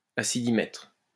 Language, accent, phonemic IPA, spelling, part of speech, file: French, France, /a.si.di.mɛtʁ/, acidimètre, noun, LL-Q150 (fra)-acidimètre.wav
- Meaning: acidimeter (an instrument for ascertaining the strength of acids)